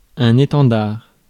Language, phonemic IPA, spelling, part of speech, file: French, /e.tɑ̃.daʁ/, étendard, noun, Fr-étendard.ogg
- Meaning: standard (flag used in battle)